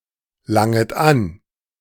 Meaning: second-person plural subjunctive I of anlangen
- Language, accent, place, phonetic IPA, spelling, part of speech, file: German, Germany, Berlin, [ˌlaŋət ˈan], langet an, verb, De-langet an.ogg